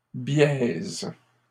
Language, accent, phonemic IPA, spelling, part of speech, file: French, Canada, /bjɛz/, biaises, adjective / verb, LL-Q150 (fra)-biaises.wav
- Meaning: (adjective) feminine plural of biais; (verb) inflection of biaiser: 1. first/third-person singular present indicative/subjunctive 2. second-person singular imperative